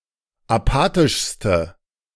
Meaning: inflection of apathisch: 1. strong/mixed nominative/accusative feminine singular superlative degree 2. strong nominative/accusative plural superlative degree
- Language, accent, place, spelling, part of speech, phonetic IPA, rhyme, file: German, Germany, Berlin, apathischste, adjective, [aˈpaːtɪʃstə], -aːtɪʃstə, De-apathischste.ogg